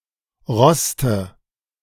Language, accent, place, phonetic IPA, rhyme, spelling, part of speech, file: German, Germany, Berlin, [ˈʁɔstə], -ɔstə, roste, verb, De-roste.ogg
- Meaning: inflection of rosten: 1. first-person singular present 2. first/third-person singular subjunctive I 3. singular imperative